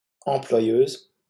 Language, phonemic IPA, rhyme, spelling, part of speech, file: French, /ɑ̃.plwa.jøz/, -øz, employeuse, noun, LL-Q150 (fra)-employeuse.wav
- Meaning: female equivalent of employeur